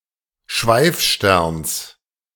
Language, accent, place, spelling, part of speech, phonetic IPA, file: German, Germany, Berlin, Schweifsterns, noun, [ˈʃvaɪ̯fˌʃtɛʁns], De-Schweifsterns.ogg
- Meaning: genitive singular of Schweifstern